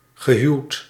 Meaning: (adjective) 1. married, joined by marriage 2. married, having a (living) spouse (or several); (verb) past participle of huwen
- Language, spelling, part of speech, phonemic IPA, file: Dutch, gehuwd, adjective / verb, /ɣəˈɦyu̯t/, Nl-gehuwd.ogg